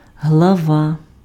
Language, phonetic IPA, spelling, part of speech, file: Ukrainian, [ɦɫɐˈʋa], глава, noun, Uk-глава.ogg
- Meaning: 1. head (body part) 2. section, chapter, part 3. head, chief (of an organization etc.)